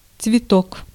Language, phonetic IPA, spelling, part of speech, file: Russian, [t͡svʲɪˈtok], цветок, noun, Ru-цветок.ogg
- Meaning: 1. flower (plant that bears flowers) 2. flower (reproductive organ of plants)